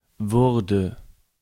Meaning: first/third-person singular preterite of werden
- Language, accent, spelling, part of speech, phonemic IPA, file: German, Germany, wurde, verb, /ˈvʊʁdə/, De-wurde.ogg